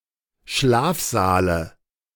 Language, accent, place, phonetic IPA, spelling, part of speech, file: German, Germany, Berlin, [ˈʃlaːfˌzaːlə], Schlafsaale, noun, De-Schlafsaale.ogg
- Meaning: dative of Schlafsaal